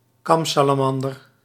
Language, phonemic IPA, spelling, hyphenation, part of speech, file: Dutch, /ˈkɑm.saː.laːˌmɑn.dər/, kamsalamander, kam‧sa‧la‧man‧der, noun, Nl-kamsalamander.ogg
- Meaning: great crested newt, northern crested newt (Triturus cristatus)